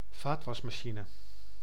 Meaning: a mechanical dishwasher
- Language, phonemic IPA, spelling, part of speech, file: Dutch, /ˈvatwɑsmɑˌʃinə/, vaatwasmachine, noun, Nl-vaatwasmachine.ogg